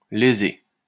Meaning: 1. to wrong; to do wrong by (someone); to harm, to hurt 2. to lesion (to produce a lesion in)
- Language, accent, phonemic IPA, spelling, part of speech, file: French, France, /le.ze/, léser, verb, LL-Q150 (fra)-léser.wav